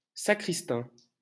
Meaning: sexton
- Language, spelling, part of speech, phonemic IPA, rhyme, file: French, sacristain, noun, /sa.kʁis.tɛ̃/, -ɛ̃, LL-Q150 (fra)-sacristain.wav